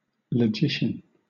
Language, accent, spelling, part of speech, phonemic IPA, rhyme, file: English, Southern England, logician, noun, /ləˈd͡ʒɪʃən/, -ɪʃən, LL-Q1860 (eng)-logician.wav
- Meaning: A person who studies or teaches logic